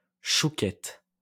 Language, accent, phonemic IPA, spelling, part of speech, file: French, France, /ʃu.kɛt/, chouquette, noun, LL-Q150 (fra)-chouquette.wav
- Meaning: chouquette (a small choux pastry made with dough sprinkled with sugar)